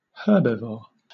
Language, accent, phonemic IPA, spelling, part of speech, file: English, Southern England, /ˈhɜːbɪvɔː(ɹ)/, herbivore, noun, LL-Q1860 (eng)-herbivore.wav
- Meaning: An organism that feeds chiefly on plants; an animal that feeds on herbage or vegetation as the main part of its diet